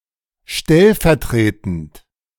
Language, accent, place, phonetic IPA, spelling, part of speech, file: German, Germany, Berlin, [ˈʃtɛlfɛɐ̯ˌtʁeːtn̩t], stellvertretend, adjective, De-stellvertretend.ogg
- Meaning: acting, vicarious